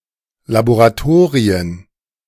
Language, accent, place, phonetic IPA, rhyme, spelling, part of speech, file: German, Germany, Berlin, [laboʁaˈtoːʁiən], -oːʁiən, Laboratorien, noun, De-Laboratorien.ogg
- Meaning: plural of Laboratorium